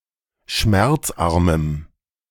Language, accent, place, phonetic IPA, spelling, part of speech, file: German, Germany, Berlin, [ˈʃmɛʁt͡sˌʔaʁməm], schmerzarmem, adjective, De-schmerzarmem.ogg
- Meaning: strong dative masculine/neuter singular of schmerzarm